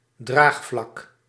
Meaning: 1. a planar support; a surface that supports something 2. an airfoil, the carrying plane of an airplane 3. support (within society or an organization), a base of support
- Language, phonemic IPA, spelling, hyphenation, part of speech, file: Dutch, /ˈdraːx.flɑk/, draagvlak, draag‧vlak, noun, Nl-draagvlak.ogg